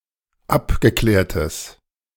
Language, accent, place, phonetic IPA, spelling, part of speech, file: German, Germany, Berlin, [ˈapɡəˌklɛːɐ̯təs], abgeklärtes, adjective, De-abgeklärtes.ogg
- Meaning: strong/mixed nominative/accusative neuter singular of abgeklärt